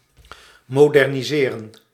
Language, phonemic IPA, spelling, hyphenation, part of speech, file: Dutch, /ˌmoː.dɛr.niˈzeː.rə(n)/, moderniseren, mo‧der‧ni‧se‧ren, verb, Nl-moderniseren.ogg
- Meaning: to modernize (US), to modernise (UK)